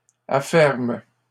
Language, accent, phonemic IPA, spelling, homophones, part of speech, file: French, Canada, /a.fɛʁm/, afferment, afferme / affermes, verb, LL-Q150 (fra)-afferment.wav
- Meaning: third-person plural present indicative/subjunctive of affermer